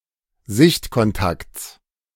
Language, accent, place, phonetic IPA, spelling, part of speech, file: German, Germany, Berlin, [ˈzɪçtkɔnˌtakt͡s], Sichtkontakts, noun, De-Sichtkontakts.ogg
- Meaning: genitive of Sichtkontakt